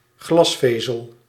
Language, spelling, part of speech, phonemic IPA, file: Dutch, glasvezel, noun, /ˈɣlɑsfezəl/, Nl-glasvezel.ogg
- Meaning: 1. fibreglass 2. optical fiber